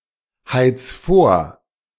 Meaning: 1. singular imperative of vorheizen 2. first-person singular present of vorheizen
- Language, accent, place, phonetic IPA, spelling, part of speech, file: German, Germany, Berlin, [ˌhaɪ̯t͡s ˈfoːɐ̯], heiz vor, verb, De-heiz vor.ogg